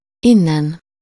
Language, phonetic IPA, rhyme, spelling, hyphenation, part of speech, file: Hungarian, [ˈinːɛn], -ɛn, innen, in‧nen, adverb / postposition, Hu-innen.ogg
- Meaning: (adverb) from here, from this place, hence; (postposition) on this side of (with -n/-on/-en/-ön)